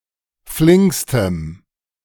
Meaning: strong dative masculine/neuter singular superlative degree of flink
- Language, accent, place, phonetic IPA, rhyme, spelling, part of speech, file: German, Germany, Berlin, [ˈflɪŋkstəm], -ɪŋkstəm, flinkstem, adjective, De-flinkstem.ogg